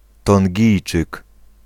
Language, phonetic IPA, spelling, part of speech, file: Polish, [tɔ̃ŋʲˈɟijt͡ʃɨk], Tongijczyk, noun, Pl-Tongijczyk.ogg